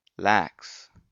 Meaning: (noun) A salmon; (adjective) 1. Lenient and allowing for deviation; not strict 2. Loose; not tight or taut 3. Lacking care; neglectful, negligent 4. Describing an associative monoidal functor
- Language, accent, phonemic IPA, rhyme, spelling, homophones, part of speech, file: English, US, /læks/, -æks, lax, lacs / lacks, noun / adjective, En-us-lax.ogg